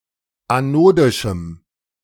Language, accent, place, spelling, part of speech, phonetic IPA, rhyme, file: German, Germany, Berlin, anodischem, adjective, [aˈnoːdɪʃm̩], -oːdɪʃm̩, De-anodischem.ogg
- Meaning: strong dative masculine/neuter singular of anodisch